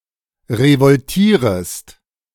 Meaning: second-person singular subjunctive I of revoltieren
- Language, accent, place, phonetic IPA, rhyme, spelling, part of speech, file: German, Germany, Berlin, [ʁəvɔlˈtiːʁəst], -iːʁəst, revoltierest, verb, De-revoltierest.ogg